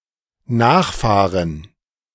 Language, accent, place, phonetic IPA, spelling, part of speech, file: German, Germany, Berlin, [ˈnaːxˌfaːʁɪn], Nachfahrin, noun, De-Nachfahrin.ogg
- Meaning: feminine equivalent of Nachfahre m